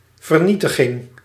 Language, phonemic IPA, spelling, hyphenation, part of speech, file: Dutch, /vərˈni.tə.ɣɪŋ/, vernietiging, ver‧nie‧ti‧ging, noun, Nl-vernietiging.ogg
- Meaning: destruction